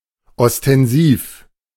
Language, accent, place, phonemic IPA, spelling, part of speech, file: German, Germany, Berlin, /ɔstɛnˈziːf/, ostensiv, adjective, De-ostensiv.ogg
- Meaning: ostensive